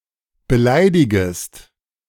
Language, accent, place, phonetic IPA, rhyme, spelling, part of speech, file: German, Germany, Berlin, [bəˈlaɪ̯dɪɡəst], -aɪ̯dɪɡəst, beleidigest, verb, De-beleidigest.ogg
- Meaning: second-person singular subjunctive I of beleidigen